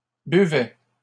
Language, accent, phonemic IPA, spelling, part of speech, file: French, Canada, /by.vɛ/, buvais, verb, LL-Q150 (fra)-buvais.wav
- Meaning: first/second-person singular imperfect indicative of boire